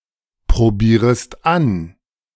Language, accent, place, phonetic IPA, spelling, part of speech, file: German, Germany, Berlin, [pʁoˌbiːʁəst ˈan], probierest an, verb, De-probierest an.ogg
- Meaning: second-person singular subjunctive I of anprobieren